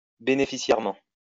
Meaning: beneficially
- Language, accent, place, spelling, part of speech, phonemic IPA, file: French, France, Lyon, bénéficiairement, adverb, /be.ne.fi.sjɛʁ.mɑ̃/, LL-Q150 (fra)-bénéficiairement.wav